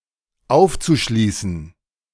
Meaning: zu-infinitive of aufschließen
- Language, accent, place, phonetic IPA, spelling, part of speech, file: German, Germany, Berlin, [ˈaʊ̯ft͡suˌʃliːsn̩], aufzuschließen, verb, De-aufzuschließen.ogg